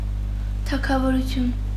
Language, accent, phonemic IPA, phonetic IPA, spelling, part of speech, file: Armenian, Eastern Armenian, /tʰɑkʰɑvoɾuˈtʰjun/, [tʰɑkʰɑvoɾut͡sʰjún], թագավորություն, noun, Hy-թագավորություն.ogg
- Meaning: 1. kingdom, realm 2. kingdom